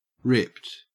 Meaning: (verb) simple past and past participle of rip; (adjective) 1. Torn, either partly or into separate pieces 2. Pulled away from forcefully
- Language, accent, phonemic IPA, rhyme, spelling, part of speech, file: English, Australia, /ɹɪpt/, -ɪpt, ripped, verb / adjective, En-au-ripped.ogg